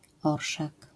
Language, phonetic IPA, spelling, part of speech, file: Polish, [ˈɔrʃak], orszak, noun, LL-Q809 (pol)-orszak.wav